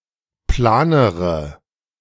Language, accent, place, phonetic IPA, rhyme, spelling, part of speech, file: German, Germany, Berlin, [ˈplaːnəʁə], -aːnəʁə, planere, adjective, De-planere.ogg
- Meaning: inflection of plan: 1. strong/mixed nominative/accusative feminine singular comparative degree 2. strong nominative/accusative plural comparative degree